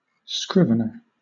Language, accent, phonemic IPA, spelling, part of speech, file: English, Southern England, /ˈskɹɪvnə(ɹ)/, scrivener, noun, LL-Q1860 (eng)-scrivener.wav
- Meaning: 1. A professional writer; one whose occupation is to draw contracts or prepare writings 2. One whose business is to place money at interest; a broker